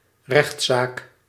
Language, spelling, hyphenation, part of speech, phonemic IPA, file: Dutch, rechtszaak, rechts‧zaak, noun, /ˈrɛxt.saːk/, Nl-rechtszaak.ogg
- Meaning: lawsuit